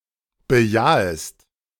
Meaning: second-person singular subjunctive I of bejahen
- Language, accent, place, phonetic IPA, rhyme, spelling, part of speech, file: German, Germany, Berlin, [bəˈjaːəst], -aːəst, bejahest, verb, De-bejahest.ogg